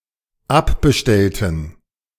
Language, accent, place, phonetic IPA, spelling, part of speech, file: German, Germany, Berlin, [ˈapbəˌʃtɛltn̩], abbestellten, adjective / verb, De-abbestellten.ogg
- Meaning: inflection of abbestellen: 1. first/third-person plural dependent preterite 2. first/third-person plural dependent subjunctive II